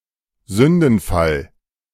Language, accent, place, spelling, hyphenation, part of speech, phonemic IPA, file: German, Germany, Berlin, Sündenfall, Sün‧den‧fall, noun, /ˈzʏndn̩fal/, De-Sündenfall.ogg
- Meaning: 1. the Fall (of Man) 2. fall from grace